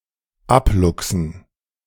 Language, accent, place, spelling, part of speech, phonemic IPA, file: German, Germany, Berlin, abluchsen, verb, /ˈapˌlʊksən/, De-abluchsen.ogg
- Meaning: to obtain through slyness or quickness; to wangle